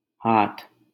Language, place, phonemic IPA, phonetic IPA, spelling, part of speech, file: Hindi, Delhi, /ɦɑːt̪ʰ/, [ɦäːt̪ʰ], हाथ, noun, LL-Q1568 (hin)-हाथ.wav
- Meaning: hand